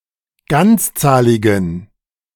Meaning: inflection of ganzzahlig: 1. strong genitive masculine/neuter singular 2. weak/mixed genitive/dative all-gender singular 3. strong/weak/mixed accusative masculine singular 4. strong dative plural
- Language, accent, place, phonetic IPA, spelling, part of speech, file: German, Germany, Berlin, [ˈɡant͡sˌt͡saːlɪɡn̩], ganzzahligen, adjective, De-ganzzahligen.ogg